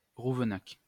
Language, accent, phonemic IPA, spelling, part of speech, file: French, France, /ʁuv.nak/, Rouvenac, proper noun, LL-Q150 (fra)-Rouvenac.wav
- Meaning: Rouvenac (a former village in Aude department, France)